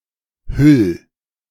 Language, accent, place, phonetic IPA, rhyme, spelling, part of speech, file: German, Germany, Berlin, [hʏl], -ʏl, hüll, verb, De-hüll.ogg
- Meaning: 1. singular imperative of hüllen 2. first-person singular present of hüllen